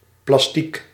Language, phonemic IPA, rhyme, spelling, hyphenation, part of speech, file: Dutch, /plɑsˈtik/, -ik, plastiek, plas‧tiek, noun, Nl-plastiek.ogg
- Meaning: plastic (synthetic polymer)